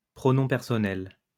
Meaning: personal pronoun
- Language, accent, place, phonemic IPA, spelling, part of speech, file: French, France, Lyon, /pʁɔ.nɔ̃ pɛʁ.sɔ.nɛl/, pronom personnel, noun, LL-Q150 (fra)-pronom personnel.wav